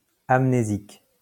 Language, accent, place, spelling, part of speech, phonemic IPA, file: French, France, Lyon, amnésique, adjective, /am.ne.zik/, LL-Q150 (fra)-amnésique.wav
- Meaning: amnesic